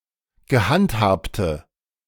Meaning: inflection of gehandhabt: 1. strong/mixed nominative/accusative feminine singular 2. strong nominative/accusative plural 3. weak nominative all-gender singular
- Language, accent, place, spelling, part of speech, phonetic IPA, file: German, Germany, Berlin, gehandhabte, adjective, [ɡəˈhantˌhaːptə], De-gehandhabte.ogg